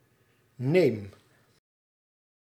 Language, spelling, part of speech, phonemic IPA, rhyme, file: Dutch, neem, verb, /neːm/, -eːm, Nl-neem.ogg
- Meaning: inflection of nemen: 1. first-person singular present indicative 2. second-person singular present indicative 3. imperative